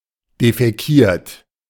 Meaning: 1. past participle of defäkieren 2. inflection of defäkieren: second-person plural present 3. inflection of defäkieren: third-person singular present 4. inflection of defäkieren: plural imperative
- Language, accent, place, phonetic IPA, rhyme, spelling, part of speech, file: German, Germany, Berlin, [defɛˈkiːɐ̯t], -iːɐ̯t, defäkiert, verb, De-defäkiert.ogg